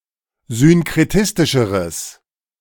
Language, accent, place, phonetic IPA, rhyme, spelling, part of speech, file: German, Germany, Berlin, [zʏnkʁeˈtɪstɪʃəʁəs], -ɪstɪʃəʁəs, synkretistischeres, adjective, De-synkretistischeres.ogg
- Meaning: strong/mixed nominative/accusative neuter singular comparative degree of synkretistisch